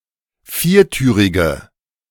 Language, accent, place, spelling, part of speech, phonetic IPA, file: German, Germany, Berlin, viertürige, adjective, [ˈfiːɐ̯ˌtyːʁɪɡə], De-viertürige.ogg
- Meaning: inflection of viertürig: 1. strong/mixed nominative/accusative feminine singular 2. strong nominative/accusative plural 3. weak nominative all-gender singular